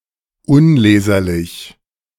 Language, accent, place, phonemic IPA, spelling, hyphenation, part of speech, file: German, Germany, Berlin, /ˈʊnˌleːzɐlɪç/, unleserlich, un‧le‧ser‧lich, adjective, De-unleserlich.ogg
- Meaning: illegible